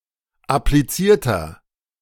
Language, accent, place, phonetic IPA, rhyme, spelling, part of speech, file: German, Germany, Berlin, [apliˈt͡siːɐ̯tɐ], -iːɐ̯tɐ, applizierter, adjective, De-applizierter.ogg
- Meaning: inflection of appliziert: 1. strong/mixed nominative masculine singular 2. strong genitive/dative feminine singular 3. strong genitive plural